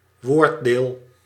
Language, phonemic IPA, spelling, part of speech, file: Dutch, /ˈʋoːrdeːl/, woorddeel, noun, Nl-woorddeel.ogg
- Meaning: morpheme